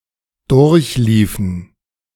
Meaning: inflection of durchlaufen: 1. first/third-person plural preterite 2. first/third-person plural subjunctive II
- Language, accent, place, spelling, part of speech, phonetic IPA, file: German, Germany, Berlin, durchliefen, verb, [ˈdʊʁçˌliːfn̩], De-durchliefen.ogg